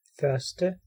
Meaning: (adjective) 1. first 2. the former
- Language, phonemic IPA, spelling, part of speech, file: Danish, /fœrstə/, første, adjective / numeral, Da-første.ogg